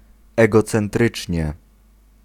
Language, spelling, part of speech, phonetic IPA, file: Polish, egocentrycznie, adverb, [ˌɛɡɔt͡sɛ̃nˈtrɨt͡ʃʲɲɛ], Pl-egocentrycznie.ogg